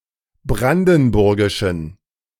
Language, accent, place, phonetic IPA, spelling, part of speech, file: German, Germany, Berlin, [ˈbʁandn̩ˌbʊʁɡɪʃn̩], brandenburgischen, adjective, De-brandenburgischen.ogg
- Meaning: inflection of brandenburgisch: 1. strong genitive masculine/neuter singular 2. weak/mixed genitive/dative all-gender singular 3. strong/weak/mixed accusative masculine singular 4. strong dative plural